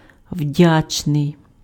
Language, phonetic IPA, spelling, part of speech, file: Ukrainian, [ˈwdʲat͡ʃnei̯], вдячний, adjective, Uk-вдячний.ogg
- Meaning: grateful, thankful